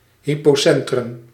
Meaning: hypocentre
- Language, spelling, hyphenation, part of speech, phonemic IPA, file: Dutch, hypocentrum, hy‧po‧cen‧trum, noun, /ˌɦi.poːˈsɛn.trʏm/, Nl-hypocentrum.ogg